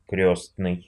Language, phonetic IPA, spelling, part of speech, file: Russian, [ˈkrʲɵsnɨj], крёстный, adjective / noun, Ru-крёстный.ogg
- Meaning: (adjective) god... (referring to relation through baptism); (noun) 1. godfather 2. godfather (a mafia leader)